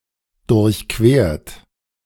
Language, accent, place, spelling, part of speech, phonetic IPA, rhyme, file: German, Germany, Berlin, durchquert, verb, [dʊʁçˈkveːɐ̯t], -eːɐ̯t, De-durchquert.ogg
- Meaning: 1. past participle of durchqueren 2. inflection of durchqueren: third-person singular present 3. inflection of durchqueren: second-person plural present 4. inflection of durchqueren: plural imperative